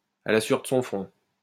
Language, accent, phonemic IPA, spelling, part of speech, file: French, France, /a la sɥœʁ də sɔ̃ fʁɔ̃/, à la sueur de son front, adverb, LL-Q150 (fra)-à la sueur de son front.wav
- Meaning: by the sweat of one's brow